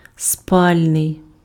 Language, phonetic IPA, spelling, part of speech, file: Ukrainian, [ˈspalʲnei̯], спальний, adjective, Uk-спальний.ogg
- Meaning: sleeping (attributive) (intended to accommodate sleep)